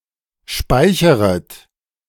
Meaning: second-person plural subjunctive I of speichern
- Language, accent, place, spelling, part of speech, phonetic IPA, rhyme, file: German, Germany, Berlin, speicheret, verb, [ˈʃpaɪ̯çəʁət], -aɪ̯çəʁət, De-speicheret.ogg